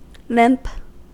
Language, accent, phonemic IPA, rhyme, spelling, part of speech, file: English, US, /lɪmp/, -ɪmp, limp, verb / noun / adjective / phrase, En-us-limp.ogg
- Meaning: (verb) 1. To walk lamely, as if favoring one leg 2. To travel with a malfunctioning system of propulsion 3. To move or proceed irregularly 4. To call, particularly in an unraised pot pre-flop